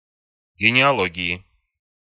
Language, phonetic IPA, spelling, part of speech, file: Russian, [ɡʲɪnʲɪɐˈɫoɡʲɪɪ], генеалогии, noun, Ru-генеалогии.ogg
- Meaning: inflection of генеало́гия (genealógija): 1. genitive/dative/prepositional singular 2. nominative/accusative plural